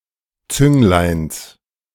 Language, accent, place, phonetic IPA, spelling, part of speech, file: German, Germany, Berlin, [ˈt͡sʏŋlaɪ̯ns], Züngleins, noun, De-Züngleins.ogg
- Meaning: genitive singular of Zünglein